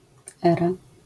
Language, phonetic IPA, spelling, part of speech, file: Polish, [ˈɛra], era, noun, LL-Q809 (pol)-era.wav